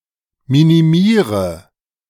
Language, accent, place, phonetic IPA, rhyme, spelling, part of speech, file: German, Germany, Berlin, [ˌminiˈmiːʁə], -iːʁə, minimiere, verb, De-minimiere.ogg
- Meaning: inflection of minimieren: 1. first-person singular present 2. first/third-person singular subjunctive I 3. singular imperative